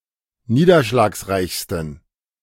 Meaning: 1. superlative degree of niederschlagsreich 2. inflection of niederschlagsreich: strong genitive masculine/neuter singular superlative degree
- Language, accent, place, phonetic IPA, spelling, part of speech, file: German, Germany, Berlin, [ˈniːdɐʃlaːksˌʁaɪ̯çstn̩], niederschlagsreichsten, adjective, De-niederschlagsreichsten.ogg